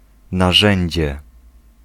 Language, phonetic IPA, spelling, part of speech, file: Polish, [naˈʒɛ̃ɲd͡ʑɛ], narzędzie, noun, Pl-narzędzie.ogg